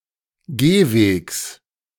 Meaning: genitive singular of Gehweg
- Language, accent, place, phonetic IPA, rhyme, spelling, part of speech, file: German, Germany, Berlin, [ˈɡeːˌveːks], -eːveːks, Gehwegs, noun, De-Gehwegs.ogg